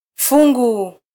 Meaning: 1. a bunch, pile (a group of a number of similar things) 2. a portion or slice of something 3. a collection of writing: a sentence, paragraph, or article
- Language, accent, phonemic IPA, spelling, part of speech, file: Swahili, Kenya, /ˈfu.ᵑɡu/, fungu, noun, Sw-ke-fungu.flac